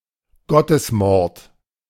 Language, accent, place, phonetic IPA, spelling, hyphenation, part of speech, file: German, Germany, Berlin, [ˈɡɔtəsˌmɔʁt], Gottesmord, Got‧tes‧mord, noun, De-Gottesmord.ogg
- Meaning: deicide